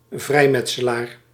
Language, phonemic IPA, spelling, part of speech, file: Dutch, /ˈvrɛi̯ˌmɛt.sə.laːr/, vrijmetselaar, noun, Nl-vrijmetselaar.ogg
- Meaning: Freemason